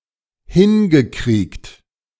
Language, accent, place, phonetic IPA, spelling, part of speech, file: German, Germany, Berlin, [ˈhɪnɡəˌkʁiːkt], hingekriegt, verb, De-hingekriegt.ogg
- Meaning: past participle of hinkriegen